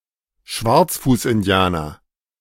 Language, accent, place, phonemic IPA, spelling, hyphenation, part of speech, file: German, Germany, Berlin, /ˈʃvaʁt͡sfuːsʔɪnˌdi̯aːnɐ/, Schwarzfußindianer, Schwarz‧fuß‧in‧di‧a‧ner, noun, De-Schwarzfußindianer.ogg
- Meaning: Blackfoot Indian